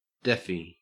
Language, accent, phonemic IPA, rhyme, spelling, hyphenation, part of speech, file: English, Australia, /ˈdɛ.fi/, -ɛfi, deafie, deaf‧ie, noun, En-au-deafie.ogg
- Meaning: A deaf person